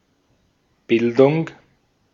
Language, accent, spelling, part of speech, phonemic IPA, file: German, Austria, Bildung, noun, /ˈbɪldʊŋ/, De-at-Bildung.ogg
- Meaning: 1. cultivation, refinement, education, culture 2. formation, creation